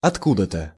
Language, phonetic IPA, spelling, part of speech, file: Russian, [ɐtˈkudə‿tə], откуда-то, adverb, Ru-откуда-то.ogg
- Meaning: from somewhere, somewhence